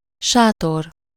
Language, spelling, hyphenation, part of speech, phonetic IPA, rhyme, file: Hungarian, sátor, sá‧tor, noun, [ˈʃaːtor], -or, Hu-sátor.ogg
- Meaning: tent